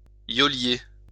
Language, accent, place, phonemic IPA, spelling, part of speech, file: French, France, Lyon, /jɔ.lje/, yolier, noun, LL-Q150 (fra)-yolier.wav
- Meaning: alternative form of yoleur